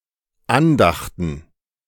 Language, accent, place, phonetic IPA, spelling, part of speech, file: German, Germany, Berlin, [ˈanˌdaxtn̩], Andachten, noun, De-Andachten.ogg
- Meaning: plural of Andacht